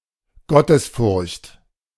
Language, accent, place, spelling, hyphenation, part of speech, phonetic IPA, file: German, Germany, Berlin, Gottesfurcht, Got‧tes‧furcht, noun, [ˈɡɔtəsˌfʊʁçt], De-Gottesfurcht.ogg
- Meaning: fear of God